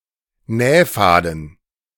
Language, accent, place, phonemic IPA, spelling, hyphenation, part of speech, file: German, Germany, Berlin, /ˈnɛːˌfaːdn̩/, Nähfaden, Näh‧fa‧den, noun, De-Nähfaden.ogg
- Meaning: sewing thread